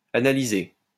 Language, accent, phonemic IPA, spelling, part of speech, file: French, France, /a.na.li.ze/, analysée, verb, LL-Q150 (fra)-analysée.wav
- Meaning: feminine singular of analysé